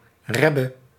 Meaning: an Ashkenazi rabbi, in particular a Chasidic one; rebbe
- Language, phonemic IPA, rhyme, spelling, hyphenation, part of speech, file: Dutch, /ˈrɛ.bə/, -ɛbə, rebbe, reb‧be, noun, Nl-rebbe.ogg